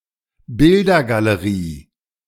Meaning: picture gallery
- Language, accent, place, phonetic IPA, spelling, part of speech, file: German, Germany, Berlin, [ˈbɪldɐɡaləˌʁiː], Bildergalerie, noun, De-Bildergalerie.ogg